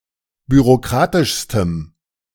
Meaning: strong dative masculine/neuter singular superlative degree of bürokratisch
- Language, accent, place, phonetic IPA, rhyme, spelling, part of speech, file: German, Germany, Berlin, [byʁoˈkʁaːtɪʃstəm], -aːtɪʃstəm, bürokratischstem, adjective, De-bürokratischstem.ogg